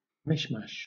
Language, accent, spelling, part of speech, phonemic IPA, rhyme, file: English, Southern England, mishmash, noun / verb, /ˈmɪʃˌmæʃ/, -æʃ, LL-Q1860 (eng)-mishmash.wav
- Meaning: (noun) A collection containing a variety of miscellaneous things; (verb) 1. To mix together, especially in a confused way 2. To become mixed together